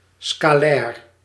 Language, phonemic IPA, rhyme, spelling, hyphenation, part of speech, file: Dutch, /skaːˈlɛːr/, -ɛːr, scalair, sca‧lair, adjective, Nl-scalair.ogg
- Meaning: scalar (possessing magnitude but not direction)